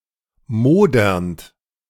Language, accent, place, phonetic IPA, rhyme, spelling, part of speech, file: German, Germany, Berlin, [ˈmoːdɐnt], -oːdɐnt, modernd, verb, De-modernd.ogg
- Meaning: present participle of modern